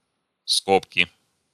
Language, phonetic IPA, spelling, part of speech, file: Russian, [ˈskopkʲɪ], скобки, noun, Ru-скобки.ogg
- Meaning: inflection of ско́бка (skóbka): 1. genitive singular 2. nominative/accusative plural